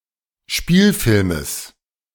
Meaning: genitive singular of Spielfilm
- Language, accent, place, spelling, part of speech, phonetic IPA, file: German, Germany, Berlin, Spielfilmes, noun, [ˈʃpiːlfɪlməs], De-Spielfilmes.ogg